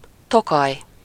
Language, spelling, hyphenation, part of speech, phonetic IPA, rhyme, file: Hungarian, Tokaj, To‧kaj, proper noun, [ˈtokɒj], -ɒj, Hu-Tokaj.ogg
- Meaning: a town in Borsod-Abaúj-Zemplén county, Northern Hungary, 54 kilometers away from county capital Miskolc